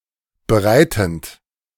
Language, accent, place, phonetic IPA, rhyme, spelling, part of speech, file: German, Germany, Berlin, [bəˈʁaɪ̯tn̩t], -aɪ̯tn̩t, bereitend, verb, De-bereitend.ogg
- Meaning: present participle of bereiten